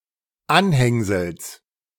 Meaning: genitive singular of Anhängsel
- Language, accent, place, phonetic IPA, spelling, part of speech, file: German, Germany, Berlin, [ˈanˌhɛŋzl̩s], Anhängsels, noun, De-Anhängsels.ogg